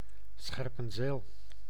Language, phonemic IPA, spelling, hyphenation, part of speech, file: Dutch, /ˈsxɛr.pə(n)ˌzeːl/, Scherpenzeel, Scher‧pen‧zeel, proper noun, Nl-Scherpenzeel.ogg
- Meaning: 1. Scherpenzeel (a village and municipality of Gelderland, Netherlands) 2. a village in Weststellingwerf, Friesland, Netherlands 3. a topographic surname